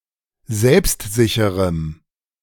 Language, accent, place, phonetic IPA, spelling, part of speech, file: German, Germany, Berlin, [ˈzɛlpstˌzɪçəʁəm], selbstsicherem, adjective, De-selbstsicherem.ogg
- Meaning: strong dative masculine/neuter singular of selbstsicher